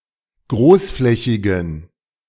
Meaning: inflection of großflächig: 1. strong genitive masculine/neuter singular 2. weak/mixed genitive/dative all-gender singular 3. strong/weak/mixed accusative masculine singular 4. strong dative plural
- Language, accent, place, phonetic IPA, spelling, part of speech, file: German, Germany, Berlin, [ˈɡʁoːsˌflɛçɪɡn̩], großflächigen, adjective, De-großflächigen.ogg